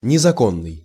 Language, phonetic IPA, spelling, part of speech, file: Russian, [nʲɪzɐˈkonːɨj], незаконный, adjective, Ru-незаконный.ogg
- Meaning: unlawful, illegal